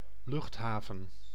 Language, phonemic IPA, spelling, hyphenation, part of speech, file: Dutch, /ˈlʏxtˌɦaː.və(n)/, luchthaven, lucht‧ha‧ven, noun, Nl-luchthaven.ogg
- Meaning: airport